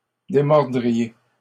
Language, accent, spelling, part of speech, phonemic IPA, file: French, Canada, démordriez, verb, /de.mɔʁ.dʁi.je/, LL-Q150 (fra)-démordriez.wav
- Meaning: second-person plural conditional of démordre